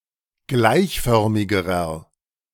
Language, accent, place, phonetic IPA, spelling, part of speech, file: German, Germany, Berlin, [ˈɡlaɪ̯çˌfœʁmɪɡəʁɐ], gleichförmigerer, adjective, De-gleichförmigerer.ogg
- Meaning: inflection of gleichförmig: 1. strong/mixed nominative masculine singular comparative degree 2. strong genitive/dative feminine singular comparative degree 3. strong genitive plural comparative degree